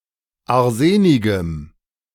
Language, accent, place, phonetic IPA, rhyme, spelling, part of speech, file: German, Germany, Berlin, [aʁˈzeːnɪɡəm], -eːnɪɡəm, arsenigem, adjective, De-arsenigem.ogg
- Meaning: strong dative masculine/neuter singular of arsenig